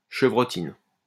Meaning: buckshot
- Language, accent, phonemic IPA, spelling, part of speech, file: French, France, /ʃə.vʁɔ.tin/, chevrotine, noun, LL-Q150 (fra)-chevrotine.wav